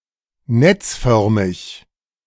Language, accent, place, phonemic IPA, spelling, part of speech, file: German, Germany, Berlin, /ˈnɛt͡sˌfœʁmɪç/, netzförmig, adjective, De-netzförmig.ogg
- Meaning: reticular, reticulated, netlike, retiform